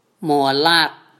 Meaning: ten thousand
- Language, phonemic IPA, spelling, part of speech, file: Mon, /mo̤alĕəʔ/, မွဲလက်, numeral, Mnw-မွဲလက်.wav